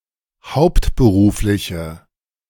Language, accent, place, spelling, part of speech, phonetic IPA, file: German, Germany, Berlin, hauptberufliche, adjective, [ˈhaʊ̯ptbəˌʁuːflɪçə], De-hauptberufliche.ogg
- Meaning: inflection of hauptberuflich: 1. strong/mixed nominative/accusative feminine singular 2. strong nominative/accusative plural 3. weak nominative all-gender singular